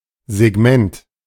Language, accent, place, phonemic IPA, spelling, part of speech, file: German, Germany, Berlin, /zɛˈɡmɛnt/, Segment, noun, De-Segment.ogg
- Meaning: segment